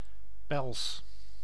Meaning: a fur, the fur coat of certain mammals
- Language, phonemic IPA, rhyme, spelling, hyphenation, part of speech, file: Dutch, /pɛls/, -ɛls, pels, pels, noun, Nl-pels.ogg